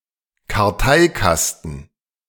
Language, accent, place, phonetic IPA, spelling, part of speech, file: German, Germany, Berlin, [kaʁˈtaɪ̯ˌkastn̩], Karteikasten, noun, De-Karteikasten.ogg
- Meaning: card catalog box